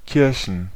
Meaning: plural of Kirche
- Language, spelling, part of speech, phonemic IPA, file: German, Kirchen, noun, /ˈkɪʁçn/, De-Kirchen.ogg